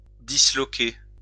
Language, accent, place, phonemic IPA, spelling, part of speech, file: French, France, Lyon, /di.slɔ.ke/, disloquer, verb, LL-Q150 (fra)-disloquer.wav
- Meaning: 1. to dislocate 2. to break up, split up, smash up